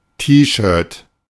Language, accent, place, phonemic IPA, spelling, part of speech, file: German, Germany, Berlin, /ˈtiːˌʃøːɐ̯t/, T-Shirt, noun, De-T-Shirt.ogg
- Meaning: T-shirt, tee